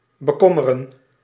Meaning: 1. to worry, to concern 2. to concern oneself, to worry/be worried
- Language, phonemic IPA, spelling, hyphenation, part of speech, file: Dutch, /bəˈkɔmərə(n)/, bekommeren, be‧kom‧me‧ren, verb, Nl-bekommeren.ogg